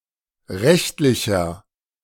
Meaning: inflection of rechtlich: 1. strong/mixed nominative masculine singular 2. strong genitive/dative feminine singular 3. strong genitive plural
- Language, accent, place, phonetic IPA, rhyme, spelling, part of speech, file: German, Germany, Berlin, [ˈʁɛçtlɪçɐ], -ɛçtlɪçɐ, rechtlicher, adjective, De-rechtlicher.ogg